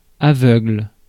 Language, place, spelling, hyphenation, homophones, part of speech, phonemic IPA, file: French, Paris, aveugle, a‧veugle, aveuglent / aveugles, adjective / noun / verb, /a.vœɡl/, Fr-aveugle.ogg
- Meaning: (adjective) 1. blind (physically unable to see) 2. blind (having poor judgement; unable or unwilling to acknowledge, or to put any effort toward understanding)